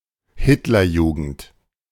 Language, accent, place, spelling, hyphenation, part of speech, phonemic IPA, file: German, Germany, Berlin, Hitlerjugend, Hit‧ler‧ju‧gend, proper noun, /ˈhɪtlɐˌjuːɡn̩t/, De-Hitlerjugend.ogg
- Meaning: Hitler Youth (youth organization of the Nazi Party)